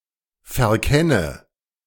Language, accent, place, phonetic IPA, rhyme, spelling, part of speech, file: German, Germany, Berlin, [fɛɐ̯ˈkɛnə], -ɛnə, verkenne, verb, De-verkenne.ogg
- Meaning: inflection of verkennen: 1. first-person singular present 2. first/third-person singular subjunctive I 3. singular imperative